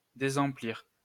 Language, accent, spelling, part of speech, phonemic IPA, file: French, France, désemplir, verb, /de.zɑ̃.pliʁ/, LL-Q150 (fra)-désemplir.wav
- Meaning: 1. to (partially) empty (something that is full up) 2. to be nearly full (only used in negative constructions)